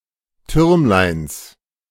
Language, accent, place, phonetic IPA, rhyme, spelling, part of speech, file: German, Germany, Berlin, [ˈtʏʁmlaɪ̯ns], -ʏʁmlaɪ̯ns, Türmleins, noun, De-Türmleins.ogg
- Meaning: genitive of Türmlein